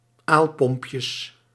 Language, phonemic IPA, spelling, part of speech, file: Dutch, /ˈalpɔmpjəs/, aalpompjes, noun, Nl-aalpompjes.ogg
- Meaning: plural of aalpompje